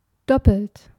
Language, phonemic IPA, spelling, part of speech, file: German, /ˈdɔpəlt/, doppelt, verb / adjective, De-doppelt.ogg
- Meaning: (verb) past participle of doppeln; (adjective) double (made up of two matching or complementary elements)